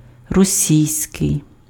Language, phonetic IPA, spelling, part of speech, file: Ukrainian, [roˈsʲii̯sʲkei̯], російський, adjective, Uk-російський.ogg
- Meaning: Russian